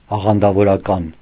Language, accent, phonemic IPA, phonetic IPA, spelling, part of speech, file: Armenian, Eastern Armenian, /ɑʁɑndɑvoɾɑˈkɑn/, [ɑʁɑndɑvoɾɑkɑ́n], աղանդավորական, adjective, Hy-աղանդավորական.ogg
- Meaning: sectarian, pertaining to sects or their members